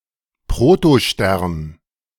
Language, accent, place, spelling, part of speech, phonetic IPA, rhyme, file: German, Germany, Berlin, Protostern, noun, [pʁotoˈʃtɛʁn], -ɛʁn, De-Protostern.ogg
- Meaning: protostar